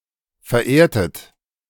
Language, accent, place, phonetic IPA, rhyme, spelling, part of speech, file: German, Germany, Berlin, [fɛɐ̯ˈʔeːɐ̯tət], -eːɐ̯tət, verehrtet, verb, De-verehrtet.ogg
- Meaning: inflection of verehren: 1. second-person plural preterite 2. second-person plural subjunctive II